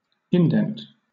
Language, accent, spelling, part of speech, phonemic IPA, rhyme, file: English, Southern England, indent, noun / verb, /ɪnˈdɛnt/, -ɛnt, LL-Q1860 (eng)-indent.wav
- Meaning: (noun) 1. A cut or notch in the margin of anything, or a recess like a notch 2. A stamp; an impression